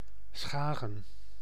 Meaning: a city and municipality of North Holland, Netherlands
- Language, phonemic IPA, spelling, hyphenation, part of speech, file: Dutch, /ˈsxaː.ɣə(n)/, Schagen, Scha‧gen, proper noun, Nl-Schagen.ogg